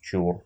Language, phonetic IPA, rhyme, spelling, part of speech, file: Russian, [t͡ɕur], -ur, чур, noun / interjection, Ru-чур.ogg
- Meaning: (noun) 1. an ancestor 2. an idol used in native Slavic religious rites; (interjection) 1. avaunt, away 2. bags (it)! (British), dibs 3. mind you, but mind